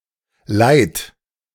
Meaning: distressing, uncomfortable
- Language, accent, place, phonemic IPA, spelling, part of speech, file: German, Germany, Berlin, /laɪ̯t/, leid, adjective, De-leid.ogg